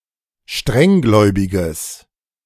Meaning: strong/mixed nominative/accusative neuter singular of strenggläubig
- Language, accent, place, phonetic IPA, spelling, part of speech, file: German, Germany, Berlin, [ˈʃtʁɛŋˌɡlɔɪ̯bɪɡəs], strenggläubiges, adjective, De-strenggläubiges.ogg